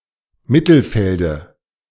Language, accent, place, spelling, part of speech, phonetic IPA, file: German, Germany, Berlin, Mittelfelde, noun, [ˈmɪtl̩ˌfɛldə], De-Mittelfelde.ogg
- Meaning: dative singular of Mittelfeld